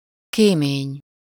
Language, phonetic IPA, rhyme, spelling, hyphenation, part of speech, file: Hungarian, [ˈkeːmeːɲ], -eːɲ, kémény, ké‧mény, noun, Hu-kémény.ogg
- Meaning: chimney